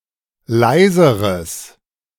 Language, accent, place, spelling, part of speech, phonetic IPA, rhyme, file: German, Germany, Berlin, leiseres, adjective, [ˈlaɪ̯zəʁəs], -aɪ̯zəʁəs, De-leiseres.ogg
- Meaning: strong/mixed nominative/accusative neuter singular comparative degree of leise